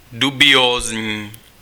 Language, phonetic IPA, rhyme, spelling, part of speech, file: Czech, [ˈdubɪjoːzɲiː], -oːzɲiː, dubiózní, adjective, Cs-dubiózní.ogg
- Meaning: dubious